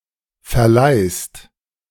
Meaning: second-person singular present of verleihen
- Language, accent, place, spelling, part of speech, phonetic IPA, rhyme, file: German, Germany, Berlin, verleihst, verb, [fɛɐ̯ˈlaɪ̯st], -aɪ̯st, De-verleihst.ogg